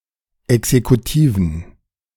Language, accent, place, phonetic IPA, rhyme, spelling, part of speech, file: German, Germany, Berlin, [ɛksekuˈtiːvn̩], -iːvn̩, exekutiven, adjective, De-exekutiven.ogg
- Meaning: inflection of exekutiv: 1. strong genitive masculine/neuter singular 2. weak/mixed genitive/dative all-gender singular 3. strong/weak/mixed accusative masculine singular 4. strong dative plural